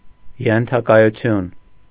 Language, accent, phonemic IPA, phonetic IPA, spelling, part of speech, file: Armenian, Eastern Armenian, /jentʰɑkɑjuˈtʰjun/, [jentʰɑkɑjut͡sʰjún], ենթակայություն, noun, Hy-ենթակայություն.ogg
- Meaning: subjection, dependence